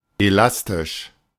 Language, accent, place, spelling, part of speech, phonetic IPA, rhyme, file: German, Germany, Berlin, elastisch, adjective, [eˈlastɪʃ], -astɪʃ, De-elastisch.ogg
- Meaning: 1. elastic 2. flexible 3. resilient 4. springy, bouncy